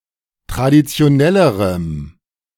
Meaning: strong dative masculine/neuter singular comparative degree of traditionell
- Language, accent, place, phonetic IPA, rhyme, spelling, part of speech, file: German, Germany, Berlin, [tʁadit͡si̯oˈnɛləʁəm], -ɛləʁəm, traditionellerem, adjective, De-traditionellerem.ogg